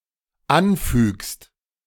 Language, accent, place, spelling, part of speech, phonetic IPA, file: German, Germany, Berlin, anfügst, verb, [ˈanˌfyːkst], De-anfügst.ogg
- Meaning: second-person singular dependent present of anfügen